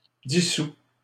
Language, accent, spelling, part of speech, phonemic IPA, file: French, Canada, dissous, adjective / verb, /di.su/, LL-Q150 (fra)-dissous.wav
- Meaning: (adjective) dissolved; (verb) 1. past participle of dissoudre 2. inflection of dissoudre: first/second-person singular present indicative 3. inflection of dissoudre: second-person singular imperative